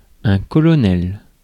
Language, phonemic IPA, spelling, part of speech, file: French, /kɔ.lɔ.nɛl/, colonel, noun, Fr-colonel.ogg
- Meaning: 1. a colonel, highest commissioned officer below generals 2. an ice cream dessert consisting of lemon sherbet and vodka